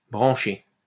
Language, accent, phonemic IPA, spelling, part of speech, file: French, France, /bʁɑ̃.ʃe/, branché, adjective / verb, LL-Q150 (fra)-branché.wav
- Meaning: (adjective) trendy, à la mode; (verb) past participle of brancher